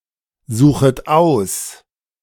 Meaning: second-person plural subjunctive I of aussuchen
- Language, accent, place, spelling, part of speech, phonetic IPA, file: German, Germany, Berlin, suchet aus, verb, [ˌzuːxət ˈaʊ̯s], De-suchet aus.ogg